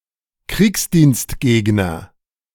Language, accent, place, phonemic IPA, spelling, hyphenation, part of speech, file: German, Germany, Berlin, /ˈkʁiːksdiːnstˌɡeːɡnɐ/, Kriegsdienstgegner, Kriegs‧dienst‧geg‧ner, noun, De-Kriegsdienstgegner.ogg
- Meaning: opponent of military service (male or unspecified gender)